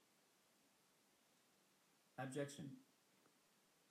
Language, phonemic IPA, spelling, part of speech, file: English, /æbˈd͡ʒɛk.ʃn̩/, abjection, noun, EN-Abjection.ogg
- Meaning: 1. A low or downcast condition; meanness of spirit; abasement; degradation 2. Something cast off; garbage 3. The act of bringing down or humbling; casting down 4. The act of casting off; rejection